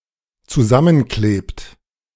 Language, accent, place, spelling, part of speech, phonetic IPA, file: German, Germany, Berlin, zusammenklebt, verb, [t͡suˈzamənˌkleːpt], De-zusammenklebt.ogg
- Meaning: inflection of zusammenkleben: 1. third-person singular dependent present 2. second-person plural dependent present